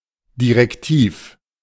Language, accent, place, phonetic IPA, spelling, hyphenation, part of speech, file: German, Germany, Berlin, [diʁɛkˈtiːf], direktiv, di‧rek‧tiv, adjective, De-direktiv.ogg
- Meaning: directive